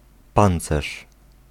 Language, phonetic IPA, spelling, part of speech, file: Polish, [ˈpãnt͡sɛʃ], pancerz, noun, Pl-pancerz.ogg